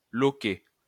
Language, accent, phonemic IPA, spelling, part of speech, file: French, France, /lɔ.kɛ/, loquet, noun, LL-Q150 (fra)-loquet.wav
- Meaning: latch